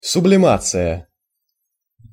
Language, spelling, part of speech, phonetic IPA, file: Russian, сублимация, noun, [sʊblʲɪˈmat͡sɨjə], Ru-сублимация.ogg
- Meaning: sublimation (phase transition)